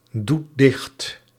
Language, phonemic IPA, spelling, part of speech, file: Dutch, /ˈdut ˈdɪxt/, doet dicht, verb, Nl-doet dicht.ogg
- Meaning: inflection of dichtdoen: 1. second/third-person singular present indicative 2. plural imperative